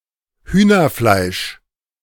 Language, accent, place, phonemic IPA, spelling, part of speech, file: German, Germany, Berlin, /ˈhyːnɐˌflaɪ̯ʃ/, Hühnerfleisch, noun, De-Hühnerfleisch.ogg
- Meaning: chicken (meat)